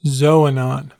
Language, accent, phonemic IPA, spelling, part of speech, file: English, US, /ˈzoʊ.ə.nɑn/, xoanon, noun, En-us-xoanon.ogg
- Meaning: A wooden statue used as a cult image in Ancient Greece